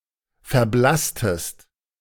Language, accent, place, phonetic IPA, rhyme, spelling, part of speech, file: German, Germany, Berlin, [fɛɐ̯ˈblastəst], -astəst, verblasstest, verb, De-verblasstest.ogg
- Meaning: inflection of verblassen: 1. second-person singular preterite 2. second-person singular subjunctive II